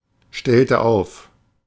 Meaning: inflection of aufstellen: 1. first/third-person singular preterite 2. first/third-person singular subjunctive II
- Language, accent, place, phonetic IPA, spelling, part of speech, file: German, Germany, Berlin, [ˌʃtɛltə ˈaʊ̯f], stellte auf, verb, De-stellte auf.ogg